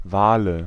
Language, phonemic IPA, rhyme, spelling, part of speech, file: German, /ˈvaːlə/, -aːlə, Wale, noun, De-Wale.ogg
- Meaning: nominative/accusative/genitive plural of Wal (“whale”)